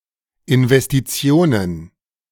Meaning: plural of Investition
- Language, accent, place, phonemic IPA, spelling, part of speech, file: German, Germany, Berlin, /ʔɪnvɛstiˈtsi̯oːnən/, Investitionen, noun, De-Investitionen.ogg